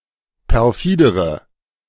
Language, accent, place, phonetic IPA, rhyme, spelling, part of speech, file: German, Germany, Berlin, [pɛʁˈfiːdəʁə], -iːdəʁə, perfidere, adjective, De-perfidere.ogg
- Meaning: inflection of perfide: 1. strong/mixed nominative/accusative feminine singular comparative degree 2. strong nominative/accusative plural comparative degree